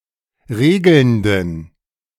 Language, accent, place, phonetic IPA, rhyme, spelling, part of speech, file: German, Germany, Berlin, [ˈʁeːɡl̩ndn̩], -eːɡl̩ndn̩, regelnden, adjective, De-regelnden.ogg
- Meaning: inflection of regelnd: 1. strong genitive masculine/neuter singular 2. weak/mixed genitive/dative all-gender singular 3. strong/weak/mixed accusative masculine singular 4. strong dative plural